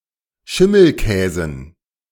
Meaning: dative plural of Schimmelkäse
- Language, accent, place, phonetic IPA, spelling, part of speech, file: German, Germany, Berlin, [ˈʃɪml̩ˌkɛːzn̩], Schimmelkäsen, noun, De-Schimmelkäsen.ogg